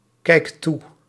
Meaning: inflection of toekijken: 1. second/third-person singular present indicative 2. plural imperative
- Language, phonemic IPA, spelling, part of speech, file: Dutch, /ˈkɛikt ˈtu/, kijkt toe, verb, Nl-kijkt toe.ogg